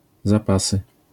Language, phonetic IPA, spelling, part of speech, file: Polish, [zaˈpasɨ], zapasy, noun, LL-Q809 (pol)-zapasy.wav